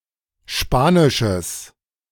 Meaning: strong/mixed nominative/accusative neuter singular of spanisch
- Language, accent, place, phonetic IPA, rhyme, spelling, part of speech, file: German, Germany, Berlin, [ˈʃpaːnɪʃəs], -aːnɪʃəs, spanisches, adjective, De-spanisches.ogg